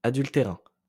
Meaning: adulterine, born out of adultery
- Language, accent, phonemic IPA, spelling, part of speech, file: French, France, /a.dyl.te.ʁɛ̃/, adultérin, adjective, LL-Q150 (fra)-adultérin.wav